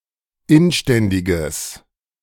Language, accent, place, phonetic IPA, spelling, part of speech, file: German, Germany, Berlin, [ˈɪnˌʃtɛndɪɡəs], inständiges, adjective, De-inständiges.ogg
- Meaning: strong/mixed nominative/accusative neuter singular of inständig